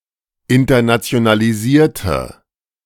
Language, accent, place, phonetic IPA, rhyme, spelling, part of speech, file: German, Germany, Berlin, [ɪntɐnat͡si̯onaliˈziːɐ̯tə], -iːɐ̯tə, internationalisierte, adjective / verb, De-internationalisierte.ogg
- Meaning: inflection of internationalisieren: 1. first/third-person singular preterite 2. first/third-person singular subjunctive II